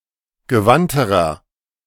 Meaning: inflection of gewandt: 1. strong/mixed nominative masculine singular comparative degree 2. strong genitive/dative feminine singular comparative degree 3. strong genitive plural comparative degree
- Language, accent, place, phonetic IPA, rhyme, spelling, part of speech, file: German, Germany, Berlin, [ɡəˈvantəʁɐ], -antəʁɐ, gewandterer, adjective, De-gewandterer.ogg